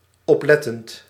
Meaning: present participle of opletten
- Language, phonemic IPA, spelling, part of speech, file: Dutch, /ɔpˈlɛtənt/, oplettend, verb / adjective, Nl-oplettend.ogg